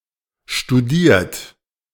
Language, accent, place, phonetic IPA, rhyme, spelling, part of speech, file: German, Germany, Berlin, [ʃtuˈdiːɐ̯t], -iːɐ̯t, studiert, verb, De-studiert.ogg
- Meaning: 1. past participle of studieren 2. inflection of studieren: third-person singular present 3. inflection of studieren: second-person plural present 4. inflection of studieren: plural imperative